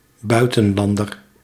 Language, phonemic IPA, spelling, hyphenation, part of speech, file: Dutch, /ˈbœy̯.tə(n)ˌlɑn.dər/, buitenlander, bui‧ten‧lan‧der, noun, Nl-buitenlander.ogg
- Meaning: 1. foreigner, alien (person from outside one's country) 2. any person of non-European descent; see also allochtoon for further characterization